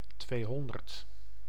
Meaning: two hundred
- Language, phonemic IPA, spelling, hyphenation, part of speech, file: Dutch, /ˈtʋeːˌɦɔn.dərt/, tweehonderd, twee‧hon‧derd, numeral, Nl-tweehonderd.ogg